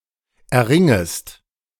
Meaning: second-person singular subjunctive I of erringen
- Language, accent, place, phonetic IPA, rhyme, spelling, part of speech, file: German, Germany, Berlin, [ɛɐ̯ˈʁɪŋəst], -ɪŋəst, erringest, verb, De-erringest.ogg